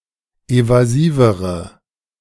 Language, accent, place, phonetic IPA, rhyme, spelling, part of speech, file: German, Germany, Berlin, [ˌevaˈziːvəʁə], -iːvəʁə, evasivere, adjective, De-evasivere.ogg
- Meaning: inflection of evasiv: 1. strong/mixed nominative/accusative feminine singular comparative degree 2. strong nominative/accusative plural comparative degree